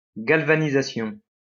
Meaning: galvanization
- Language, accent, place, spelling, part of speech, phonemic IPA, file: French, France, Lyon, galvanisation, noun, /ɡal.va.ni.za.sjɔ̃/, LL-Q150 (fra)-galvanisation.wav